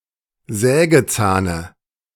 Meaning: dative of Sägezahn
- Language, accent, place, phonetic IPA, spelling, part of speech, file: German, Germany, Berlin, [ˈzɛːɡəˌt͡saːnə], Sägezahne, noun, De-Sägezahne.ogg